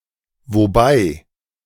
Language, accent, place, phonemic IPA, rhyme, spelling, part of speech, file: German, Germany, Berlin, /voˈbaɪ̯/, -aɪ̯, wobei, adverb, De-wobei.ogg
- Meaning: Introduces a comitative sentence, denoting a simultaneous event with the main clause. It frequently corresponds to English present participles (-ing) in adverbial use